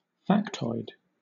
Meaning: 1. An inaccurate statement or statistic believed to be true because of broad repetition, especially if cited in the media 2. An interesting item of trivia; a minor fact
- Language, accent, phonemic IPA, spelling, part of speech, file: English, Southern England, /ˈfæk.tɔɪd/, factoid, noun, LL-Q1860 (eng)-factoid.wav